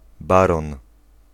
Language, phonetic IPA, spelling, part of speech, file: Polish, [ˈbarɔ̃n], baron, noun, Pl-baron.ogg